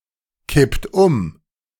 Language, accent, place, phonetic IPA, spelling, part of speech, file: German, Germany, Berlin, [ˌkɪpt ˈʊm], kippt um, verb, De-kippt um.ogg
- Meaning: inflection of umkippen: 1. second-person plural present 2. third-person singular present 3. plural imperative